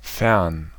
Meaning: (adjective) 1. remote 2. far away; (preposition) far away from something
- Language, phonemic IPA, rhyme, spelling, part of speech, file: German, /fɛʁn/, -ɛʁn, fern, adjective / preposition, De-fern.ogg